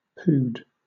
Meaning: An obsolete Russian unit of mass, equal to 40 Russian funt, or about 16.38 kg (approximately 36.11 pounds)
- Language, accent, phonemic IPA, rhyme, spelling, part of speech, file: English, Southern England, /puːd/, -uːd, pood, noun, LL-Q1860 (eng)-pood.wav